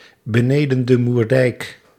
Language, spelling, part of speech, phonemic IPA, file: Dutch, beneden de Moerdijk, prepositional phrase, /bəˌneː.də(n)də murˈdɛi̯k/, Nl-beneden de Moerdijk.ogg
- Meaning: 1. in the Southern Netherlands; (less commonly) in the southern Low Countries 2. in Belgium